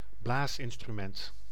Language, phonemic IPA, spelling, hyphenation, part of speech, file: Dutch, /ˈblaːs.ɪn.stryˌmɛnt/, blaasinstrument, blaas‧in‧stru‧ment, noun, Nl-blaasinstrument.ogg
- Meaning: wind instrument